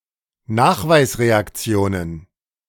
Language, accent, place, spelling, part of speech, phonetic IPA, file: German, Germany, Berlin, Nachweisreaktionen, noun, [ˈnaːxvaɪ̯sʁeakˌt͡si̯oːnən], De-Nachweisreaktionen.ogg
- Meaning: plural of Nachweisreaktion